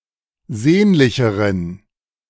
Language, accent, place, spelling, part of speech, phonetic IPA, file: German, Germany, Berlin, sehnlicheren, adjective, [ˈzeːnlɪçəʁən], De-sehnlicheren.ogg
- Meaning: inflection of sehnlich: 1. strong genitive masculine/neuter singular comparative degree 2. weak/mixed genitive/dative all-gender singular comparative degree